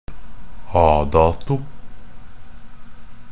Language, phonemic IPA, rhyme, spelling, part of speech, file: Norwegian Bokmål, /ˈɑːdɑːtʊ/, -ɑːtʊ, a dato, adverb, NB - Pronunciation of Norwegian Bokmål «a dato».ogg
- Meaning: from today's date